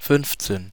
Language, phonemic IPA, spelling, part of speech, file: German, /ˈfʏnft͡seːn/, fünfzehn, numeral, De-fünfzehn.ogg
- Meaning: fifteen